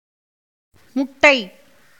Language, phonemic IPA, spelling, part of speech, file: Tamil, /mʊʈːɐɪ̯/, முட்டை, noun, Ta-முட்டை.ogg
- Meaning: 1. egg 2. anything that looks like an egg; ovoid 3. ovum 4. zero; a score of zero 5. oval, spheroid